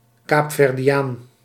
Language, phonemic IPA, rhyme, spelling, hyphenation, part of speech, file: Dutch, /ˌkaːp.fɛr.diˈaːn/, -aːn, Kaapverdiaan, Kaap‧ver‧di‧aan, noun, Nl-Kaapverdiaan.ogg
- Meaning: Cape Verdean